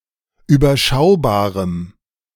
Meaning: strong dative masculine/neuter singular of überschaubar
- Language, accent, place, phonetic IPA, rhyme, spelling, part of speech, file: German, Germany, Berlin, [yːbɐˈʃaʊ̯baːʁəm], -aʊ̯baːʁəm, überschaubarem, adjective, De-überschaubarem.ogg